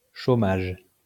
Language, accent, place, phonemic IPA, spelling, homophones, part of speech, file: French, France, Lyon, /ʃo.maʒ/, chômage, chaumage, noun, LL-Q150 (fra)-chômage.wav
- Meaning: 1. idleness 2. unemployment